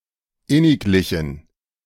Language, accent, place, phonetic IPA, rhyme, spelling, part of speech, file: German, Germany, Berlin, [ˈɪnɪkˌlɪçn̩], -ɪnɪklɪçn̩, inniglichen, adjective, De-inniglichen.ogg
- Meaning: inflection of inniglich: 1. strong genitive masculine/neuter singular 2. weak/mixed genitive/dative all-gender singular 3. strong/weak/mixed accusative masculine singular 4. strong dative plural